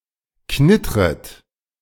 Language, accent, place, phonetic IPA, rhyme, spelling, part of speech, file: German, Germany, Berlin, [ˈknɪtʁət], -ɪtʁət, knittret, verb, De-knittret.ogg
- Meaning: second-person plural subjunctive I of knittern